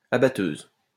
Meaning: harvester
- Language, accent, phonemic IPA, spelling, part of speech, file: French, France, /a.ba.tøz/, abatteuse, noun, LL-Q150 (fra)-abatteuse.wav